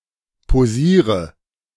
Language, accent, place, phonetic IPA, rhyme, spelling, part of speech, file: German, Germany, Berlin, [poˈziːʁə], -iːʁə, posiere, verb, De-posiere.ogg
- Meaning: inflection of posieren: 1. first-person singular present 2. singular imperative 3. first/third-person singular subjunctive I